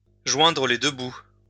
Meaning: to make ends meet
- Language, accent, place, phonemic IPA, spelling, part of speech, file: French, France, Lyon, /ʒwɛ̃.dʁə le dø bu/, joindre les deux bouts, verb, LL-Q150 (fra)-joindre les deux bouts.wav